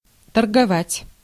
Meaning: to trade, to deal in
- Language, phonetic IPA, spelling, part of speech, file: Russian, [tərɡɐˈvatʲ], торговать, verb, Ru-торговать.ogg